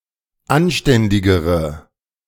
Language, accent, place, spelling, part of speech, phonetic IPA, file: German, Germany, Berlin, anständigere, adjective, [ˈanˌʃtɛndɪɡəʁə], De-anständigere.ogg
- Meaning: inflection of anständig: 1. strong/mixed nominative/accusative feminine singular comparative degree 2. strong nominative/accusative plural comparative degree